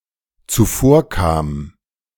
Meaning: first/third-person singular dependent preterite of zuvorkommen
- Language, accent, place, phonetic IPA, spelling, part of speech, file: German, Germany, Berlin, [t͡suˈfoːɐ̯ˌkaːm], zuvorkam, verb, De-zuvorkam.ogg